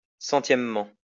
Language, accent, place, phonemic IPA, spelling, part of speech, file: French, France, Lyon, /sɑ̃.tjɛm.mɑ̃/, centièmement, adverb, LL-Q150 (fra)-centièmement.wav
- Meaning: 1. hundredthly 2. finally, lastly